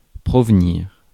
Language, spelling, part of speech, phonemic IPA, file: French, provenir, verb, /pʁɔv.niʁ/, Fr-provenir.ogg
- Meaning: 1. to originate (from) 2. to arise (from)